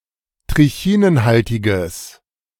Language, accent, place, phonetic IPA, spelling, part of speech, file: German, Germany, Berlin, [tʁɪˈçiːnənˌhaltɪɡəs], trichinenhaltiges, adjective, De-trichinenhaltiges.ogg
- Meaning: strong/mixed nominative/accusative neuter singular of trichinenhaltig